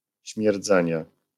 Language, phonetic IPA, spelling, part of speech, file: Polish, [ɕmʲjɛrˈd͡zɛ̃ɲɛ], śmierdzenie, noun, LL-Q809 (pol)-śmierdzenie.wav